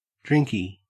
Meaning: drink
- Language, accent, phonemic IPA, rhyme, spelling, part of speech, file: English, Australia, /ˈdɹɪŋki/, -ɪŋki, drinky, noun, En-au-drinky.ogg